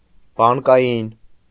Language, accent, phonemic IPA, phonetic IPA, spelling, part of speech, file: Armenian, Eastern Armenian, /bɑnkɑˈjin/, [bɑŋkɑjín], բանկային, adjective, Hy-բանկային.ogg
- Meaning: bank; banker’s; banking